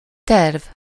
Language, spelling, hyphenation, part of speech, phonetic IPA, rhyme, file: Hungarian, terv, terv, noun, [ˈtɛrv], -ɛrv, Hu-terv.ogg
- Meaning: plan (set of intended actions)